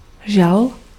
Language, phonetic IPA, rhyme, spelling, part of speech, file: Czech, [ˈʒal], -al, žal, noun / verb, Cs-žal.ogg
- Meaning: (noun) grief; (verb) masculine singular past active participle of žnout